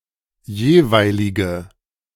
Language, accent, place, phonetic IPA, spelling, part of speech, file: German, Germany, Berlin, [ˈjeːˌvaɪ̯lɪɡə], jeweilige, adjective, De-jeweilige.ogg
- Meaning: inflection of jeweilig: 1. strong/mixed nominative/accusative feminine singular 2. strong nominative/accusative plural 3. weak nominative all-gender singular